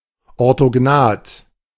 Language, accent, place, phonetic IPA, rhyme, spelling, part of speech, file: German, Germany, Berlin, [ɔʁtoˈɡnaːt], -aːt, orthognath, adjective, De-orthognath.ogg
- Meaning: orthognathic